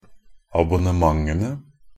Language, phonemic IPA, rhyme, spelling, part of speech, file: Norwegian Bokmål, /abʊnəˈmaŋənə/, -ənə, abonnementene, noun, NB - Pronunciation of Norwegian Bokmål «abonnementene».ogg
- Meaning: definite plural of abonnement